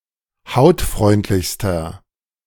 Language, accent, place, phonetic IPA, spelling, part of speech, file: German, Germany, Berlin, [ˈhaʊ̯tˌfʁɔɪ̯ntlɪçstɐ], hautfreundlichster, adjective, De-hautfreundlichster.ogg
- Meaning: inflection of hautfreundlich: 1. strong/mixed nominative masculine singular superlative degree 2. strong genitive/dative feminine singular superlative degree